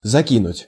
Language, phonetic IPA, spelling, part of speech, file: Russian, [zɐˈkʲinʊtʲ], закинуть, verb, Ru-закинуть.ogg
- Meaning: 1. to throw, to cast, to hurl (somewhere) 2. to toss, to throw, to tilt